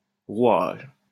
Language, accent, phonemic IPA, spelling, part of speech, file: French, France, /ʁwaʒ/, rouage, noun, LL-Q150 (fra)-rouage.wav
- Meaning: 1. wheel (in a machine), cog 2. machinery (of an administration etc.) 3. the parts, works; the workings